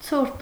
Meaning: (adjective) cold, chilly; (noun) cold weather
- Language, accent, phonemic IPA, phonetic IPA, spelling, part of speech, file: Armenian, Eastern Armenian, /t͡sʰuɾt/, [t͡sʰuɾt], ցուրտ, adjective / noun, Hy-ցուրտ.ogg